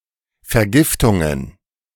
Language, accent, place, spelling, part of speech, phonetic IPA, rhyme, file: German, Germany, Berlin, Vergiftungen, noun, [fɛɐ̯ˈɡɪftʊŋən], -ɪftʊŋən, De-Vergiftungen.ogg
- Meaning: plural of Vergiftung